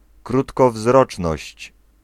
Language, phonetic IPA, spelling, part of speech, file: Polish, [ˌkrutkɔˈvzrɔt͡ʃnɔɕt͡ɕ], krótkowzroczność, noun, Pl-krótkowzroczność.ogg